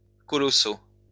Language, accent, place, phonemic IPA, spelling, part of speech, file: French, France, Lyon, /kɔ.lɔ.so/, colossaux, adjective, LL-Q150 (fra)-colossaux.wav
- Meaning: masculine plural of colossal